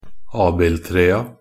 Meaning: definite plural of abildtre
- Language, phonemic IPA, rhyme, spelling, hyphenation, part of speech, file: Norwegian Bokmål, /ˈɑːbɪltreːa/, -eːa, abildtrea, ab‧ild‧tre‧a, noun, Nb-abildtrea.ogg